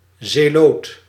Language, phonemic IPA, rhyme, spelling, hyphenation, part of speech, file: Dutch, /zeːˈloːt/, -oːt, zeloot, ze‧loot, noun, Nl-zeloot.ogg
- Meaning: zealot, fanatic